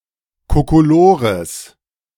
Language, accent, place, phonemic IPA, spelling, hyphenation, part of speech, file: German, Germany, Berlin, /kokoˈloːʁəs/, Kokolores, Ko‧ko‧lo‧res, noun, De-Kokolores.ogg
- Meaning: 1. nonsense, balderdash 2. gibberish